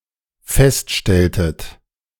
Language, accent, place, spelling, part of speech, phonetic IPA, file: German, Germany, Berlin, feststelltet, verb, [ˈfɛstˌʃtɛltət], De-feststelltet.ogg
- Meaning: inflection of feststellen: 1. second-person plural dependent preterite 2. second-person plural dependent subjunctive II